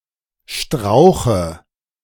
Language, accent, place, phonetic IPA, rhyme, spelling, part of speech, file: German, Germany, Berlin, [ˈʃtʁaʊ̯xə], -aʊ̯xə, Strauche, noun, De-Strauche.ogg
- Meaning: dative of Strauch